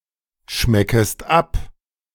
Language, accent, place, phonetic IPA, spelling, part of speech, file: German, Germany, Berlin, [ˌʃmɛkəst ˈap], schmeckest ab, verb, De-schmeckest ab.ogg
- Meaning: second-person singular subjunctive I of abschmecken